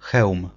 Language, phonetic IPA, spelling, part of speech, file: Polish, [xɛwm], Chełm, proper noun, Pl-Chełm.ogg